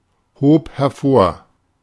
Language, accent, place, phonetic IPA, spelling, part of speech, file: German, Germany, Berlin, [ˌhoːp hɛɐ̯ˈfoːɐ̯], hob hervor, verb, De-hob hervor.ogg
- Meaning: first/third-person singular preterite of hervorheben